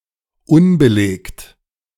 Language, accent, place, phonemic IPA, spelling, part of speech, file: German, Germany, Berlin, /ˈʊnbəˌleːkt/, unbelegt, adjective, De-unbelegt.ogg
- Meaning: undocumented